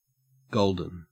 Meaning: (adjective) 1. Made of, or relating to, gold 2. Having a color or other richness suggestive of gold 3. Of a beverage, flavoured or colored with turmeric 4. Marked by prosperity, creativity etc
- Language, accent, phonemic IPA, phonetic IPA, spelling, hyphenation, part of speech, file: English, Australia, /ˈɡəʉl.dən/, [ˈɡɔʊ̯ɫ.dn̩], golden, gol‧den, adjective / noun / verb, En-au-golden.ogg